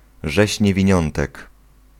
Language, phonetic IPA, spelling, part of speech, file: Polish, [ˈʒɛɕ ˌɲɛvʲĩˈɲɔ̃ntɛk], rzeź niewiniątek, noun / phrase, Pl-rzeź niewiniątek.ogg